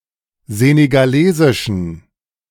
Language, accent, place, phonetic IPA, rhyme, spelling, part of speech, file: German, Germany, Berlin, [ˌzeːneɡaˈleːzɪʃn̩], -eːzɪʃn̩, senegalesischen, adjective, De-senegalesischen.ogg
- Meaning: inflection of senegalesisch: 1. strong genitive masculine/neuter singular 2. weak/mixed genitive/dative all-gender singular 3. strong/weak/mixed accusative masculine singular 4. strong dative plural